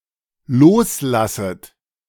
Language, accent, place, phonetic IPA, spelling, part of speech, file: German, Germany, Berlin, [ˈloːsˌlasət], loslasset, verb, De-loslasset.ogg
- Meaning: second-person plural dependent subjunctive I of loslassen